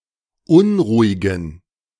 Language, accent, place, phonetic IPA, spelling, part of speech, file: German, Germany, Berlin, [ˈʊnʁuːɪɡn̩], unruhigen, adjective, De-unruhigen.ogg
- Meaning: inflection of unruhig: 1. strong genitive masculine/neuter singular 2. weak/mixed genitive/dative all-gender singular 3. strong/weak/mixed accusative masculine singular 4. strong dative plural